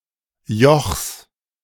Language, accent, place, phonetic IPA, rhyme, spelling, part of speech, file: German, Germany, Berlin, [jɔxs], -ɔxs, Jochs, noun, De-Jochs.ogg
- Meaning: genitive singular of Joch